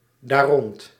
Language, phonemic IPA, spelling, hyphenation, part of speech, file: Dutch, /daːˈrɔnt/, daarrond, daar‧rond, adverb, Nl-daarrond.ogg
- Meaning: pronominal adverb form of rond + dat